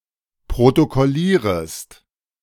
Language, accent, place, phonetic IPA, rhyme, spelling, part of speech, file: German, Germany, Berlin, [pʁotokɔˈliːʁəst], -iːʁəst, protokollierest, verb, De-protokollierest.ogg
- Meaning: second-person singular subjunctive I of protokollieren